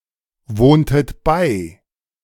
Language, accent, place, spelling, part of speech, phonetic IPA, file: German, Germany, Berlin, wohntet bei, verb, [ˌvoːntət ˈbaɪ̯], De-wohntet bei.ogg
- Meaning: inflection of beiwohnen: 1. second-person plural preterite 2. second-person plural subjunctive II